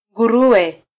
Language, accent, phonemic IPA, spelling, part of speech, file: Swahili, Kenya, /ᵑɡuˈɾu.wɛ/, nguruwe, noun, Sw-ke-nguruwe.flac
- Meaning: 1. pig, swine 2. pig (a disgusting or despicable person)